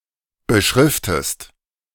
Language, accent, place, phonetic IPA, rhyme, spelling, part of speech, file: German, Germany, Berlin, [bəˈʃʁɪftəst], -ɪftəst, beschriftest, verb, De-beschriftest.ogg
- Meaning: inflection of beschriften: 1. second-person singular present 2. second-person singular subjunctive I